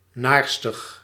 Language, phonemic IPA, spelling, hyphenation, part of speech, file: Dutch, /ˈnaːr.stəx/, naarstig, naar‧stig, adjective, Nl-naarstig.ogg
- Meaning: assiduous, diligent, industrious